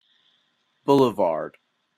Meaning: 1. A broad, well-paved and landscaped thoroughfare 2. The landscaping on the sides of a boulevard or other thoroughfare 3. A strip of land between a street and sidewalk
- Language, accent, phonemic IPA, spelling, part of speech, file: English, Canada, /ˈbʊ.lə.vɑɹd/, boulevard, noun, En-ca-boulevard.opus